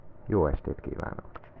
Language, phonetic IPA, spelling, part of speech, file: Hungarian, [ˈjoːɛʃteːt ˌkiːvaːnok], jó estét kívánok, phrase, Hu-jó estét kívánok.ogg
- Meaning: good evening